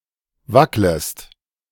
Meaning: second-person singular subjunctive I of wackeln
- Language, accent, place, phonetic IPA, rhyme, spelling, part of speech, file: German, Germany, Berlin, [ˈvakləst], -akləst, wacklest, verb, De-wacklest.ogg